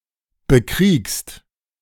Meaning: second-person singular present of bekriegen
- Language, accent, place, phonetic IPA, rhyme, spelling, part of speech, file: German, Germany, Berlin, [bəˈkʁiːkst], -iːkst, bekriegst, verb, De-bekriegst.ogg